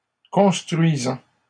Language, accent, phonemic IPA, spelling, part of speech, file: French, Canada, /kɔ̃s.tʁɥi.zɑ̃/, construisant, verb, LL-Q150 (fra)-construisant.wav
- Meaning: present participle of construire